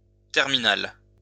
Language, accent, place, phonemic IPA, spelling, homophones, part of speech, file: French, France, Lyon, /tɛʁ.mi.nal/, terminale, terminal / terminales, adjective / noun, LL-Q150 (fra)-terminale.wav
- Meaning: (adjective) feminine singular of terminal; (noun) final year in high school, twelfth grade